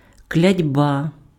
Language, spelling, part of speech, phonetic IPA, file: Ukrainian, клятьба, noun, [klʲɐdʲˈba], Uk-клятьба.ogg
- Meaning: curse